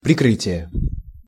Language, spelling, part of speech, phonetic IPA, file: Russian, прикрытие, noun, [prʲɪˈkrɨtʲɪje], Ru-прикрытие.ogg
- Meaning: 1. cover, escort 2. screen, cloak, covering, disguise, false front